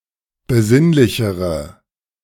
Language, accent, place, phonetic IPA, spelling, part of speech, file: German, Germany, Berlin, [bəˈzɪnlɪçəʁə], besinnlichere, adjective, De-besinnlichere.ogg
- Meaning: inflection of besinnlich: 1. strong/mixed nominative/accusative feminine singular comparative degree 2. strong nominative/accusative plural comparative degree